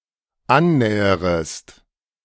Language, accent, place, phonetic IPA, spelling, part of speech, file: German, Germany, Berlin, [ˈanˌnɛːəʁəst], annäherest, verb, De-annäherest.ogg
- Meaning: second-person singular dependent subjunctive I of annähern